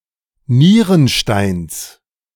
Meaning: genitive singular of Nierenstein
- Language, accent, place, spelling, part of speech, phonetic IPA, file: German, Germany, Berlin, Nierensteins, noun, [ˈniːʁənˌʃtaɪ̯ns], De-Nierensteins.ogg